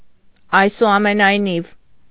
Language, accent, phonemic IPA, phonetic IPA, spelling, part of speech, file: Armenian, Eastern Armenian, /ɑjsuɑmenɑjˈniv/, [ɑjsuɑmenɑjnív], այսուամենայնիվ, adverb, Hy-այսուամենայնիվ.ogg
- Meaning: nonetheless, nevertheless, however